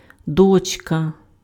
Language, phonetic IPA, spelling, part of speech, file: Ukrainian, [dɔt͡ʃˈka], дочка, noun, Uk-дочка.ogg
- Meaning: daughter